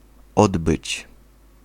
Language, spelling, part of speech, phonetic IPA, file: Polish, odbyć, verb, [ˈɔdbɨt͡ɕ], Pl-odbyć.ogg